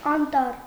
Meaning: forest, wood
- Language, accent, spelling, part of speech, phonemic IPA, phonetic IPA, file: Armenian, Eastern Armenian, անտառ, noun, /ɑnˈtɑr/, [ɑntɑ́r], Hy-անտառ.ogg